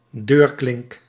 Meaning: door handle
- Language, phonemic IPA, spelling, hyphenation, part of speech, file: Dutch, /ˈdøːr.klɪŋk/, deurklink, deur‧klink, noun, Nl-deurklink.ogg